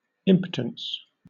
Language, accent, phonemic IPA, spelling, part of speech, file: English, Southern England, /ˈɪmpətəns/, impotence, noun, LL-Q1860 (eng)-impotence.wav
- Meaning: 1. Powerlessness; incapacity 2. Inability to copulate or beget children; sterility, erectile dysfunction, etc